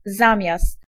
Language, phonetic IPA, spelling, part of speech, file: Polish, [ˈzãmʲjast], zamiast, preposition / conjunction, Pl-zamiast.ogg